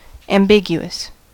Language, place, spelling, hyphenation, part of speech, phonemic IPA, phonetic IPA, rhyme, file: English, California, ambiguous, am‧bi‧gu‧ous, adjective, /æmˈbɪɡ.ju.əs/, [ɛəmˈbɪɡ.ju.əs], -ɪɡjuəs, En-us-ambiguous.ogg
- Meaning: 1. Open to multiple interpretations 2. Hesitant; uncertain; not taking sides